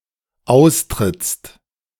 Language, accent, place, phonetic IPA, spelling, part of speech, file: German, Germany, Berlin, [ˈaʊ̯stʁɪt͡st], austrittst, verb, De-austrittst.ogg
- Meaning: second-person singular dependent present of austreten